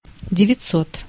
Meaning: nine hundred (900)
- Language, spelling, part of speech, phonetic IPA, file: Russian, девятьсот, numeral, [dʲɪvʲɪt͡s⁽ʲˈ⁾ot], Ru-девятьсот.ogg